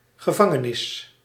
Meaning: a jail, a prison; especially an institution where convicts are incarcerated, but sometimes used more generally
- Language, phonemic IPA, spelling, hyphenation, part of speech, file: Dutch, /ɣəˈvɑ.ŋəˌnɪs/, gevangenis, ge‧van‧ge‧nis, noun, Nl-gevangenis.ogg